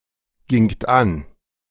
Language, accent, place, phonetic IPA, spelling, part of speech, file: German, Germany, Berlin, [ɡɪŋt ˈan], gingt an, verb, De-gingt an.ogg
- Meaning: second-person plural preterite of angehen